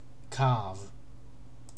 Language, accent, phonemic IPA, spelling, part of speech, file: English, UK, /kɑːv/, carve, verb / noun, En-uk-carve.ogg
- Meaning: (verb) 1. To cut 2. To cut meat in order to serve it